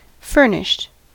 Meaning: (verb) simple past and past participle of furnish; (adjective) 1. equipped with whatever is needed 2. supplied with furniture
- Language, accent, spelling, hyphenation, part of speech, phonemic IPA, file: English, US, furnished, fur‧nished, verb / adjective, /ˈfɝnɪʃt/, En-us-furnished.ogg